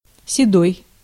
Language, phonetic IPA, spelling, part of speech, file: Russian, [sʲɪˈdoj], седой, adjective, Ru-седой.ogg
- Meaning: 1. grey, grey-haired, grey-headed (having grey hair) 2. very old, distant, ancient